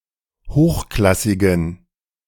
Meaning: inflection of hochklassig: 1. strong genitive masculine/neuter singular 2. weak/mixed genitive/dative all-gender singular 3. strong/weak/mixed accusative masculine singular 4. strong dative plural
- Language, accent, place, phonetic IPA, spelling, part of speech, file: German, Germany, Berlin, [ˈhoːxˌklasɪɡn̩], hochklassigen, adjective, De-hochklassigen.ogg